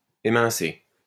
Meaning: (verb) past participle of émincer; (adjective) thinly sliced; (noun) dish of thinly sliced ingredients
- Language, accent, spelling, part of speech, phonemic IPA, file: French, France, émincé, verb / adjective / noun, /e.mɛ̃.se/, LL-Q150 (fra)-émincé.wav